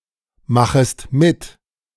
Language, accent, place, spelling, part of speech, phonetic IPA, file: German, Germany, Berlin, machest mit, verb, [ˌmaxəst ˈmɪt], De-machest mit.ogg
- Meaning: second-person singular subjunctive I of mitmachen